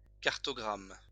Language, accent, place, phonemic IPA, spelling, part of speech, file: French, France, Lyon, /kaʁ.tɔ.ɡʁam/, cartogramme, noun, LL-Q150 (fra)-cartogramme.wav
- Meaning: cartogram